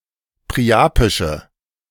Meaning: inflection of priapisch: 1. strong/mixed nominative/accusative feminine singular 2. strong nominative/accusative plural 3. weak nominative all-gender singular
- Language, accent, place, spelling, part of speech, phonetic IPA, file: German, Germany, Berlin, priapische, adjective, [pʁiˈʔaːpɪʃə], De-priapische.ogg